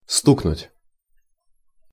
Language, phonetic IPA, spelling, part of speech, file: Russian, [ˈstuknʊtʲ], стукнуть, verb, Ru-стукнуть.ogg
- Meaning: 1. to knock 2. to rap, to tap 3. to strike, to bang, to hit 4. to squeal on